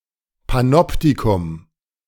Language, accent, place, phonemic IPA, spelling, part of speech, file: German, Germany, Berlin, /paˈnɔptikʊm/, Panoptikum, noun, De-Panoptikum.ogg
- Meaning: 1. wax museum, waxworks 2. panopticon